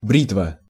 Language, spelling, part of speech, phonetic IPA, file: Russian, бритва, noun, [ˈbrʲitvə], Ru-бритва.ogg
- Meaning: razor (also figurative)